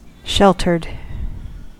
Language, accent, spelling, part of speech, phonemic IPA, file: English, US, sheltered, adjective / verb, /ˈʃɛltɚd/, En-us-sheltered.ogg
- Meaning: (adjective) 1. Protected, as from wind or weather 2. (Of a person) who grew up being overprotected by parents or other guardians, often lacking social skills or worldly experience as a result